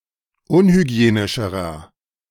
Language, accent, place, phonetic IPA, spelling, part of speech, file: German, Germany, Berlin, [ˈʊnhyˌɡi̯eːnɪʃəʁɐ], unhygienischerer, adjective, De-unhygienischerer.ogg
- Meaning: inflection of unhygienisch: 1. strong/mixed nominative masculine singular comparative degree 2. strong genitive/dative feminine singular comparative degree 3. strong genitive plural comparative degree